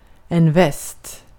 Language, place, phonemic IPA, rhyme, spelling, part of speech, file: Swedish, Gotland, /vɛst/, -ɛst, väst, noun / adverb, Sv-väst.ogg
- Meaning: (noun) 1. west (compass point) 2. the West (countries whose cultural and ethnic origins can mostly be traced to Europe); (adverb) west